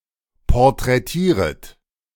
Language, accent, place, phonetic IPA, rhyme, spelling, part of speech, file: German, Germany, Berlin, [pɔʁtʁɛˈtiːʁət], -iːʁət, porträtieret, verb, De-porträtieret.ogg
- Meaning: second-person plural subjunctive I of porträtieren